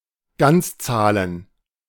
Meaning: plural of Ganzzahl
- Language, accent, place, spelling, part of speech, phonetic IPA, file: German, Germany, Berlin, Ganzzahlen, noun, [ˈɡant͡sˌt͡saːlən], De-Ganzzahlen.ogg